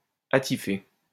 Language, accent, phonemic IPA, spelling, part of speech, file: French, France, /a.ti.fe/, attifé, verb / adjective, LL-Q150 (fra)-attifé.wav
- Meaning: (verb) past participle of attifer; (adjective) decked out